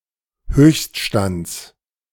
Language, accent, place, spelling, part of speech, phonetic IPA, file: German, Germany, Berlin, Höchststands, noun, [ˈhøːçstˌʃtant͡s], De-Höchststands.ogg
- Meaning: genitive singular of Höchststand